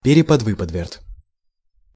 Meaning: a complicated expression or way of expressing ideas
- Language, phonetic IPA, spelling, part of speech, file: Russian, [ˌpʲerʲɪpɐdˈvɨpədvʲɪrt], переподвыподверт, noun, Ru-переподвыподверт.ogg